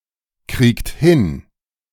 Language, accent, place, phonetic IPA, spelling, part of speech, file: German, Germany, Berlin, [ˌkʁiːkt ˈhɪn], kriegt hin, verb, De-kriegt hin.ogg
- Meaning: inflection of hinkriegen: 1. second-person plural present 2. third-person singular present 3. plural imperative